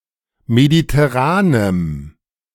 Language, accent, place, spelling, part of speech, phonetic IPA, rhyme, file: German, Germany, Berlin, mediterranem, adjective, [meditɛˈʁaːnəm], -aːnəm, De-mediterranem.ogg
- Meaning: strong dative masculine/neuter singular of mediterran